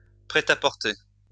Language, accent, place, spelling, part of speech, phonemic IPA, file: French, France, Lyon, prêt-à-porter, noun, /pʁɛ.t‿a.pɔʁ.te/, LL-Q150 (fra)-prêt-à-porter.wav
- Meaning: ready-to-wear clothing, off-the-rack clothing, off-the-peg clothing